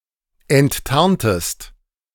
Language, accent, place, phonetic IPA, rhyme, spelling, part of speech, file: German, Germany, Berlin, [ɛntˈtaʁntəst], -aʁntəst, enttarntest, verb, De-enttarntest.ogg
- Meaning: inflection of enttarnen: 1. second-person singular preterite 2. second-person singular subjunctive II